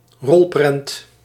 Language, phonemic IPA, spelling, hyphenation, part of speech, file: Dutch, /ˈrɔl.prɛnt/, rolprent, rol‧prent, noun, Nl-rolprent.ogg
- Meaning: film, movie